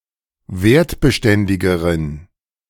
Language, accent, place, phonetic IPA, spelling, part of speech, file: German, Germany, Berlin, [ˈveːɐ̯tbəˌʃtɛndɪɡəʁən], wertbeständigeren, adjective, De-wertbeständigeren.ogg
- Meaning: inflection of wertbeständig: 1. strong genitive masculine/neuter singular comparative degree 2. weak/mixed genitive/dative all-gender singular comparative degree